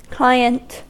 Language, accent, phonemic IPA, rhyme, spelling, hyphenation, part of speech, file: English, US, /ˈklaɪ.ənt/, -aɪənt, client, cli‧ent, noun, En-us-client.ogg
- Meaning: 1. A customer, a buyer or receiver of goods or services 2. The role of a computer application or system that requests and/or consumes the services provided by another having the role of server